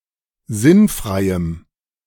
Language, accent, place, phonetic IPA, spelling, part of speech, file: German, Germany, Berlin, [ˈzɪnˌfʁaɪ̯əm], sinnfreiem, adjective, De-sinnfreiem.ogg
- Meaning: strong dative masculine/neuter singular of sinnfrei